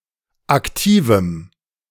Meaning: strong dative masculine/neuter singular of aktiv
- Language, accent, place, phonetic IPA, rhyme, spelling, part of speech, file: German, Germany, Berlin, [akˈtiːvm̩], -iːvm̩, aktivem, adjective, De-aktivem.ogg